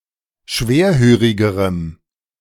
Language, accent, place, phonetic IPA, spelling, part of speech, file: German, Germany, Berlin, [ˈʃveːɐ̯ˌhøːʁɪɡəʁəm], schwerhörigerem, adjective, De-schwerhörigerem.ogg
- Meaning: strong dative masculine/neuter singular comparative degree of schwerhörig